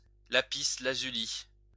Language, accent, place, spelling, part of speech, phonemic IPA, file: French, France, Lyon, lapis-lazuli, noun, /la.pis.la.zy.li/, LL-Q150 (fra)-lapis-lazuli.wav
- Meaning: lapis lazuli